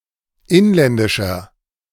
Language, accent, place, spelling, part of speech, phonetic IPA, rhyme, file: German, Germany, Berlin, inländischer, adjective, [ˈɪnlɛndɪʃɐ], -ɪnlɛndɪʃɐ, De-inländischer.ogg
- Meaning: inflection of inländisch: 1. strong/mixed nominative masculine singular 2. strong genitive/dative feminine singular 3. strong genitive plural